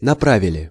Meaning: plural past indicative perfective of напра́вить (naprávitʹ)
- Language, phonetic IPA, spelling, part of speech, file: Russian, [nɐˈpravʲɪlʲɪ], направили, verb, Ru-направили.ogg